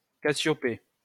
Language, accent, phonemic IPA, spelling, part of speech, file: French, France, /ka.sjɔ.pe/, Cassiopée, proper noun, LL-Q150 (fra)-Cassiopée.wav
- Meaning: Cassiopeia